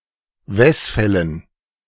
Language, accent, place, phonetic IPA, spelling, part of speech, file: German, Germany, Berlin, [ˈvɛsˌfɛlən], Wesfällen, noun, De-Wesfällen.ogg
- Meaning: dative plural of Wesfall